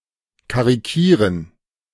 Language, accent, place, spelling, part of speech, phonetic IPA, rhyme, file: German, Germany, Berlin, karikieren, verb, [kaʁiˈkiːʁən], -iːʁən, De-karikieren.ogg
- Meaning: to caricature